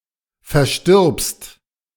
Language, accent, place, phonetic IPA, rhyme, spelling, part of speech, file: German, Germany, Berlin, [fɛɐ̯ˈʃtɪʁpst], -ɪʁpst, verstirbst, verb, De-verstirbst.ogg
- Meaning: second-person singular present of versterben